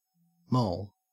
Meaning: 1. A female companion of a gangster or other criminal, especially a former or current prostitute 2. A prostitute or woman with loose sexual morals
- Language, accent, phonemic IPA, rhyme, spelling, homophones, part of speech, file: English, Australia, /mɒl/, -ɒl, moll, mall, noun, En-au-moll.ogg